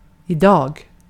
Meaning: 1. today (on the current day) 2. today (at the present time): at present; now, currently, etc 3. today (at the present time): these days; now, nowadays, etc
- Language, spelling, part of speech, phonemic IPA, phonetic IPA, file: Swedish, idag, adverb, /ɪˈdɑː(ɡ)/, [ɪˈd̪ɒ̜ː(ɡ)], Sv-idag.ogg